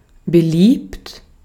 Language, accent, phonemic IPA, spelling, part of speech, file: German, Austria, /bəˈliːpt/, beliebt, verb / adjective, De-at-beliebt.ogg
- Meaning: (verb) past participle of belieben; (adjective) 1. popular 2. admired